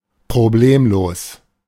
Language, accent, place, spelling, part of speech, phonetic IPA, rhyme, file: German, Germany, Berlin, problemlos, adjective, [pʁoˈbleːmloːs], -eːmloːs, De-problemlos.ogg
- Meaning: problemless, trouble-free, hasslefree, without a hitch, without problems, smoothly